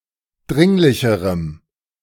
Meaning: strong dative masculine/neuter singular comparative degree of dringlich
- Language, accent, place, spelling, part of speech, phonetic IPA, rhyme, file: German, Germany, Berlin, dringlicherem, adjective, [ˈdʁɪŋlɪçəʁəm], -ɪŋlɪçəʁəm, De-dringlicherem.ogg